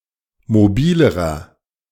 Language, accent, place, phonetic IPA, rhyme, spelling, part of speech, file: German, Germany, Berlin, [moˈbiːləʁɐ], -iːləʁɐ, mobilerer, adjective, De-mobilerer.ogg
- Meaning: inflection of mobil: 1. strong/mixed nominative masculine singular comparative degree 2. strong genitive/dative feminine singular comparative degree 3. strong genitive plural comparative degree